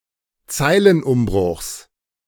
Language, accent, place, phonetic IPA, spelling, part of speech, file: German, Germany, Berlin, [ˈt͡saɪ̯lənˌʔʊmbʁʊxs], Zeilenumbruchs, noun, De-Zeilenumbruchs.ogg
- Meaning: genitive singular of Zeilenumbruch